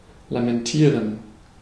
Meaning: to lament
- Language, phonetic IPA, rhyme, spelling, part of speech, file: German, [lamɛnˈtiːʁən], -iːʁən, lamentieren, verb, De-lamentieren.ogg